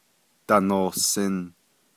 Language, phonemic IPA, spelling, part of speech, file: Navajo, /tɑ̀nòhsɪ̀n/, danohsin, verb, Nv-danohsin.ogg
- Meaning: 1. second-person plural imperfective of nízin 2. second-person plural imperfective of yinízin